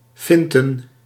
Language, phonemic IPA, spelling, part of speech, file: Dutch, /ˈfɪntə(n)/, finten, noun, Nl-finten.ogg
- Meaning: plural of fint